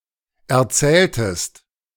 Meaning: inflection of erzählen: 1. second-person singular preterite 2. second-person singular subjunctive II
- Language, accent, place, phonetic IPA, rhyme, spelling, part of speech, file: German, Germany, Berlin, [ɛɐ̯ˈt͡sɛːltəst], -ɛːltəst, erzähltest, verb, De-erzähltest.ogg